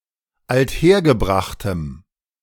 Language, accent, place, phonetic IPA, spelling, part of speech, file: German, Germany, Berlin, [altˈheːɐ̯ɡəˌbʁaxtəm], althergebrachtem, adjective, De-althergebrachtem.ogg
- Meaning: strong dative masculine/neuter singular of althergebracht